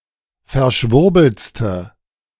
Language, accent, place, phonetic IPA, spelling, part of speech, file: German, Germany, Berlin, [fɛɐ̯ˈʃvʊʁbl̩t͡stə], verschwurbeltste, adjective, De-verschwurbeltste.ogg
- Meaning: inflection of verschwurbelt: 1. strong/mixed nominative/accusative feminine singular superlative degree 2. strong nominative/accusative plural superlative degree